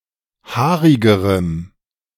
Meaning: strong dative masculine/neuter singular comparative degree of haarig
- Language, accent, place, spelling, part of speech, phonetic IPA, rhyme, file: German, Germany, Berlin, haarigerem, adjective, [ˈhaːʁɪɡəʁəm], -aːʁɪɡəʁəm, De-haarigerem.ogg